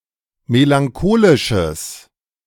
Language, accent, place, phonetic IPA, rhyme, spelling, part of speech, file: German, Germany, Berlin, [melaŋˈkoːlɪʃəs], -oːlɪʃəs, melancholisches, adjective, De-melancholisches.ogg
- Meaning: strong/mixed nominative/accusative neuter singular of melancholisch